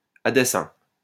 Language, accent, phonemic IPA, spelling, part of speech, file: French, France, /a de.sɛ̃/, à dessein, adverb, LL-Q150 (fra)-à dessein.wav
- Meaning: purposely, deliberately, intentionally, on purpose, by design